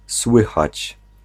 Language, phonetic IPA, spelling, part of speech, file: Polish, [ˈswɨxat͡ɕ], słychać, verb, Pl-słychać.ogg